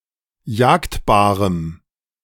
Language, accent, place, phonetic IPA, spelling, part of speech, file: German, Germany, Berlin, [ˈjaːktbaːʁəm], jagdbarem, adjective, De-jagdbarem.ogg
- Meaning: strong dative masculine/neuter singular of jagdbar